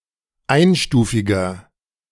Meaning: inflection of einstufig: 1. strong/mixed nominative masculine singular 2. strong genitive/dative feminine singular 3. strong genitive plural
- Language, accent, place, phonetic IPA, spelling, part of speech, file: German, Germany, Berlin, [ˈaɪ̯nˌʃtuːfɪɡɐ], einstufiger, adjective, De-einstufiger.ogg